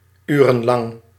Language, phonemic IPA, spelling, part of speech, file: Dutch, /ˈyː.rə(n).lɑŋ/, urenlang, adverb / adjective, Nl-urenlang.ogg
- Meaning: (adverb) for hours (on end), (for) a long time; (adjective) lasting hours (on end), during a long time